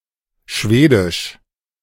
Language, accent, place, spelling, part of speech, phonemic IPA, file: German, Germany, Berlin, schwedisch, adjective, /ˈʃveːdɪʃ/, De-schwedisch.ogg
- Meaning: Swedish